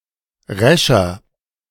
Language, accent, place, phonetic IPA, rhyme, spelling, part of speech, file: German, Germany, Berlin, [ˈʁɛʃɐ], -ɛʃɐ, rescher, adjective, De-rescher.ogg
- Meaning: 1. comparative degree of resch 2. inflection of resch: strong/mixed nominative masculine singular 3. inflection of resch: strong genitive/dative feminine singular